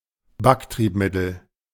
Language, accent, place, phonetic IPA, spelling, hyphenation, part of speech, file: German, Germany, Berlin, [ˈbakˌtʁiːpmɪtl̩], Backtriebmittel, Back‧trieb‧mit‧tel, noun, De-Backtriebmittel.ogg
- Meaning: leavening agent, raising agent